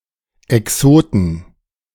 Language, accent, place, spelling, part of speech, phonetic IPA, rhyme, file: German, Germany, Berlin, Exoten, noun, [ɛˈksoːtn̩], -oːtn̩, De-Exoten.ogg
- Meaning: 1. genitive singular of Exot 2. plural of Exot